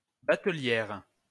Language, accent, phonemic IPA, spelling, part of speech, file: French, France, /ba.tə.ljɛʁ/, batelière, noun, LL-Q150 (fra)-batelière.wav
- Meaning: female equivalent of batelier